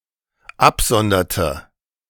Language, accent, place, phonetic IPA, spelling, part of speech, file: German, Germany, Berlin, [ˈapˌzɔndɐtə], absonderte, verb, De-absonderte.ogg
- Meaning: inflection of absondern: 1. first/third-person singular dependent preterite 2. first/third-person singular dependent subjunctive II